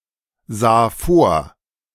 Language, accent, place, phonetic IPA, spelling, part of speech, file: German, Germany, Berlin, [ˌzaː ˈfoːɐ̯], sah vor, verb, De-sah vor.ogg
- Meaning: first/third-person singular preterite of vorsehen